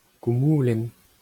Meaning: singulative of koumoul (“clouds”)
- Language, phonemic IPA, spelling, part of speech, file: Breton, /ku.ˈmu.lɛ̃n/, koumoulenn, noun, LL-Q12107 (bre)-koumoulenn.wav